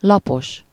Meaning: 1. flat (having no variations in height) 2. flat (having small or invisible breasts) 3. dull, bland, stale, uninteresting 4. consisting of a given number of pages or sheets
- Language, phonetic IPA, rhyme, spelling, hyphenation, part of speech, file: Hungarian, [ˈlɒpoʃ], -oʃ, lapos, la‧pos, adjective, Hu-lapos.ogg